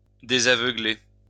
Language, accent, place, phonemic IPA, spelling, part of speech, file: French, France, Lyon, /de.za.vœ.ɡle/, désaveugler, verb, LL-Q150 (fra)-désaveugler.wav
- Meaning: 1. to unblind 2. to open someone's eyes